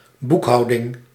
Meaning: bookkeeping, accounting
- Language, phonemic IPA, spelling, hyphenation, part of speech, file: Dutch, /ˈbuk.ɦɑu̯.dɪŋ/, boekhouding, boek‧hou‧ding, noun, Nl-boekhouding.ogg